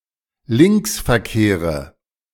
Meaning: nominative/accusative/genitive plural of Linksverkehr
- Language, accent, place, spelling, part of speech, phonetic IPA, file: German, Germany, Berlin, Linksverkehre, noun, [ˈlɪnksfɛɐ̯ˌkeːʁə], De-Linksverkehre.ogg